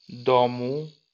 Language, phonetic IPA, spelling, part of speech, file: Polish, [ˈdɔ̃mu], domu, noun, LL-Q809 (pol)-domu.wav